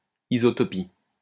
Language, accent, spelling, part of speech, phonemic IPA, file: French, France, isotopie, noun, /i.zɔ.tɔ.pi/, LL-Q150 (fra)-isotopie.wav
- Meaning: isotopy